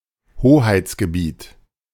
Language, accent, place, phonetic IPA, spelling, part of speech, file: German, Germany, Berlin, [ˈhoːhaɪ̯t͡sɡəˌbiːt], Hoheitsgebiet, noun, De-Hoheitsgebiet.ogg
- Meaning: territory, sovereign territory